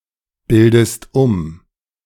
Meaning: inflection of umbilden: 1. second-person singular present 2. second-person singular subjunctive I
- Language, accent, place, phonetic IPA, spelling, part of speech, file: German, Germany, Berlin, [ˌbɪldəst ˈʊm], bildest um, verb, De-bildest um.ogg